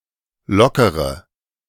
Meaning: inflection of lockern: 1. first-person singular present 2. first/third-person singular subjunctive I 3. singular imperative
- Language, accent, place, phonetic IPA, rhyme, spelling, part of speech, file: German, Germany, Berlin, [ˈlɔkəʁə], -ɔkəʁə, lockere, verb / adjective, De-lockere.ogg